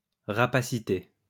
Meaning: rapacity
- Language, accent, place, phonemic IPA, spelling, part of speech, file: French, France, Lyon, /ʁa.pa.si.te/, rapacité, noun, LL-Q150 (fra)-rapacité.wav